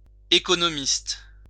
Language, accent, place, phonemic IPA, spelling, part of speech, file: French, France, Lyon, /e.kɔ.nɔ.mist/, œconomiste, noun, LL-Q150 (fra)-œconomiste.wav
- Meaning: obsolete form of économiste